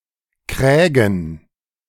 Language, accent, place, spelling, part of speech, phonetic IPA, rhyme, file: German, Germany, Berlin, Krägen, noun, [ˈkʁɛːɡn̩], -ɛːɡn̩, De-Krägen.ogg
- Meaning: plural of Kragen